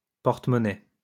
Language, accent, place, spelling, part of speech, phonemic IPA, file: French, France, Lyon, portemonnaie, noun, /pɔʁ.tə.mɔ.nɛ/, LL-Q150 (fra)-portemonnaie.wav
- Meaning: post-1990 spelling form of porte-monnaie